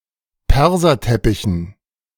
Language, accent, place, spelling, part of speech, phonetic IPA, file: German, Germany, Berlin, Perserteppichen, noun, [ˈpɛʁzɐˌtɛpɪçn̩], De-Perserteppichen.ogg
- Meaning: dative plural of Perserteppich